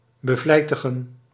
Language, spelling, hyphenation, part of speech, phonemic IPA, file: Dutch, bevlijtigen, be‧vlij‧ti‧gen, verb, /bəˈvlɛi̯.tə.ɣə(n)/, Nl-bevlijtigen.ogg
- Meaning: to become or be industrious